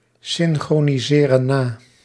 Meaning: inflection of nasynchroniseren: 1. plural present indicative 2. plural present subjunctive
- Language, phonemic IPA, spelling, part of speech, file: Dutch, /ˌsɪŋxroniˈzerə(n) ˈna/, synchroniseren na, verb, Nl-synchroniseren na.ogg